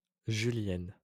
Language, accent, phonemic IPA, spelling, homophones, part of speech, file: French, France, /ʒy.ljɛn/, julienne, Julienne, noun / adjective, LL-Q150 (fra)-julienne.wav
- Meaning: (noun) 1. a julienne, a garnish of vegetables cut into long, thin strips 2. synonym of julienne des dames (“dame's rocket”) (Hesperis matronalis) 3. ling; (adjective) feminine singular of julien